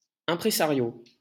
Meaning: impresario
- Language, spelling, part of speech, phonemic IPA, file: French, imprésario, noun, /ɛ̃.pʁe.za.ʁjo/, LL-Q150 (fra)-imprésario.wav